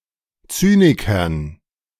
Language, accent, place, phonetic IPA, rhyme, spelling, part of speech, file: German, Germany, Berlin, [ˈt͡syːnɪkɐn], -yːnɪkɐn, Zynikern, noun, De-Zynikern.ogg
- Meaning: dative plural of Zyniker